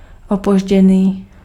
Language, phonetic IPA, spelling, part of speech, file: Czech, [ˈopoʒɟɛniː], opožděný, adjective, Cs-opožděný.ogg
- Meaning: belated